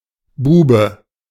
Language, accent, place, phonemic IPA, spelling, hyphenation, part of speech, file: German, Germany, Berlin, /ˈbuːbə/, Bube, Bu‧be, noun, De-Bube.ogg
- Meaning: 1. knave; jack (playing card) 2. boy; lad 3. rogue; villain; naughty boy